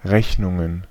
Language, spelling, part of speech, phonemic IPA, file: German, Rechnungen, noun, /ˈʁɛçnʊŋən/, De-Rechnungen.ogg
- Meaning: plural of Rechnung